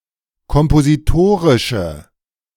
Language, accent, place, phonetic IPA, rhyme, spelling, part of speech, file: German, Germany, Berlin, [kɔmpoziˈtoːʁɪʃə], -oːʁɪʃə, kompositorische, adjective, De-kompositorische.ogg
- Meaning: inflection of kompositorisch: 1. strong/mixed nominative/accusative feminine singular 2. strong nominative/accusative plural 3. weak nominative all-gender singular